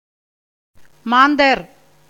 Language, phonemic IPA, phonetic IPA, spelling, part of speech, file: Tamil, /mɑːnd̪ɐɾ/, [mäːn̪d̪ɐɾ], மாந்தர், noun, Ta-மாந்தர்.ogg
- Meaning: 1. human beings 2. male people 3. watchmen